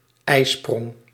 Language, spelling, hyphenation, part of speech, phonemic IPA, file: Dutch, eisprong, ei‧sprong, noun, /ˈɛi̯.sprɔŋ/, Nl-eisprong.ogg
- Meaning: ovulation